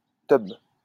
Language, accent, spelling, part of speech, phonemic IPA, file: French, France, teub, noun, /tœb/, LL-Q150 (fra)-teub.wav
- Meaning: dick